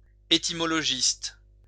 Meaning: etymologist (person who specializes in etymology)
- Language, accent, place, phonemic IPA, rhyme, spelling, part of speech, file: French, France, Lyon, /e.ti.mɔ.lɔ.ʒist/, -ist, étymologiste, noun, LL-Q150 (fra)-étymologiste.wav